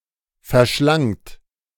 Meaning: second-person plural preterite of verschlingen
- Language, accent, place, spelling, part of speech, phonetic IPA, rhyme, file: German, Germany, Berlin, verschlangt, verb, [fɛɐ̯ˈʃlaŋt], -aŋt, De-verschlangt.ogg